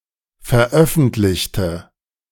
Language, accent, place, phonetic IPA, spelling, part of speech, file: German, Germany, Berlin, [fɛɐ̯ˈʔœfn̩tlɪçtə], veröffentlichte, adjective / verb, De-veröffentlichte.ogg
- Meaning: inflection of veröffentlicht: 1. strong/mixed nominative/accusative feminine singular 2. strong nominative/accusative plural 3. weak nominative all-gender singular